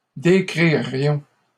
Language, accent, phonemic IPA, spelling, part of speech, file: French, Canada, /de.kʁi.ʁjɔ̃/, décririons, verb, LL-Q150 (fra)-décririons.wav
- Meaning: first-person plural conditional of décrire